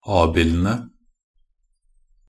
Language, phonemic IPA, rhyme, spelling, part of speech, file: Norwegian Bokmål, /ˈɑːbɪlənə/, -ənə, abildene, noun, Nb-abildene.ogg
- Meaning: definite plural of abild